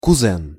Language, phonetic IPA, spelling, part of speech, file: Russian, [kʊˈzɛn], кузен, noun, Ru-кузен.ogg
- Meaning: 1. male cousin (any male cousin however distant) 2. distant male blood relative